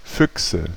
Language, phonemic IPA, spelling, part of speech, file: German, /ˈfʏksə/, Füchse, noun, De-Füchse.ogg
- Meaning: nominative/accusative/genitive plural of Fuchs (“fox”)